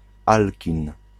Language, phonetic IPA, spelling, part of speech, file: Polish, [ˈalʲcĩn], alkin, noun, Pl-alkin.ogg